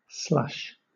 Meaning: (noun) 1. Half-melted snow or ice, generally located on the ground 2. Liquid mud or mire 3. Flavored shaved ice served as a drink (a slushie)
- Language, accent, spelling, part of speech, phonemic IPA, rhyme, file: English, Southern England, slush, noun / verb, /slʌʃ/, -ʌʃ, LL-Q1860 (eng)-slush.wav